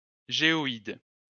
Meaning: geoid
- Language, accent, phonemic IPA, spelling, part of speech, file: French, France, /ʒe.ɔ.id/, géoïde, noun, LL-Q150 (fra)-géoïde.wav